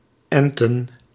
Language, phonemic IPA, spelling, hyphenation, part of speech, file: Dutch, /ˈɛntə(n)/, enten, en‧ten, verb / noun, Nl-enten.ogg
- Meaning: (verb) to graft; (noun) plural of ent